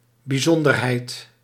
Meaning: 1. specialness, exceptionality, unusualness, the property of being exceptional, special or unusual 2. an exceptional circumstance
- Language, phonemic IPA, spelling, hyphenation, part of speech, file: Dutch, /biˈzɔn.dər.ɦɛi̯t/, bijzonderheid, bij‧zon‧der‧heid, noun, Nl-bijzonderheid.ogg